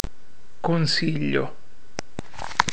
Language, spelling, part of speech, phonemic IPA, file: Italian, consiglio, noun / verb, /konˈsiʎʎo/, It-consiglio.ogg